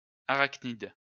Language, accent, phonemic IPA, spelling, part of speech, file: French, France, /a.ʁak.nid/, arachnide, noun, LL-Q150 (fra)-arachnide.wav
- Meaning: arachnid